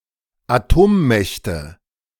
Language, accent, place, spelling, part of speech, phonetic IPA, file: German, Germany, Berlin, Atommächte, noun, [aˈtoːmˌmɛçtə], De-Atommächte.ogg
- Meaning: nominative/accusative/genitive plural of Atommacht